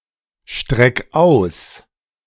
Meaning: 1. singular imperative of ausstrecken 2. first-person singular present of ausstrecken
- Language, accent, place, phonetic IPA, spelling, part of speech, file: German, Germany, Berlin, [ˌʃtʁɛk ˈaʊ̯s], streck aus, verb, De-streck aus.ogg